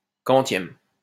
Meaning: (adjective) what number, which; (pronoun) which day of the month
- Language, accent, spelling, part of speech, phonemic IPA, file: French, France, quantième, adjective / pronoun, /kɑ̃.tjɛm/, LL-Q150 (fra)-quantième.wav